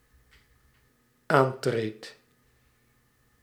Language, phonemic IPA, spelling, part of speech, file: Dutch, /ˈantret/, aantreed, verb, Nl-aantreed.ogg
- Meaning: first-person singular dependent-clause present indicative of aantreden